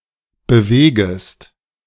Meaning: second-person singular subjunctive I of bewegen
- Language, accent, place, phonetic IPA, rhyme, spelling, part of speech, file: German, Germany, Berlin, [bəˈveːɡəst], -eːɡəst, bewegest, verb, De-bewegest.ogg